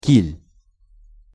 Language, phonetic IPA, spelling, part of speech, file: Russian, [kʲilʲ], киль, noun, Ru-киль.ogg
- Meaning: 1. keel, back 2. fin, tailfin, fin surface, keel 3. keel bone (bird’s sternum)